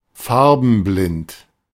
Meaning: colorblind
- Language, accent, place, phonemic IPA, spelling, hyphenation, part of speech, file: German, Germany, Berlin, /ˈfaʁ.bn̩.ˌblɪnt/, farbenblind, far‧ben‧blind, adjective, De-farbenblind.ogg